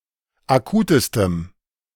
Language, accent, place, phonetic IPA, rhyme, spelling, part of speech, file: German, Germany, Berlin, [aˈkuːtəstəm], -uːtəstəm, akutestem, adjective, De-akutestem.ogg
- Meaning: strong dative masculine/neuter singular superlative degree of akut